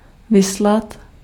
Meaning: to send forth, to send out
- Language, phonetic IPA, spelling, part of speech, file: Czech, [ˈvɪslat], vyslat, verb, Cs-vyslat.ogg